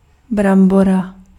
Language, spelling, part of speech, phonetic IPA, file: Czech, brambora, noun, [ˈbrambora], Cs-brambora.ogg
- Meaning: alternative form of brambor m (“potato”)